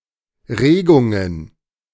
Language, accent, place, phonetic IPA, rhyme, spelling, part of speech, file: German, Germany, Berlin, [ˈʁeːɡʊŋən], -eːɡʊŋən, Regungen, noun, De-Regungen.ogg
- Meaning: plural of Regung